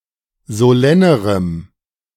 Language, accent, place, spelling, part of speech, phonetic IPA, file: German, Germany, Berlin, solennerem, adjective, [zoˈlɛnəʁəm], De-solennerem.ogg
- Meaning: strong dative masculine/neuter singular comparative degree of solenn